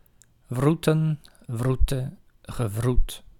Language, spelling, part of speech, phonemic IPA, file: Dutch, wroeten, verb, /ˈvrutə(n)/, Nl-wroeten.ogg
- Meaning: 1. to root, to grub 2. to burrow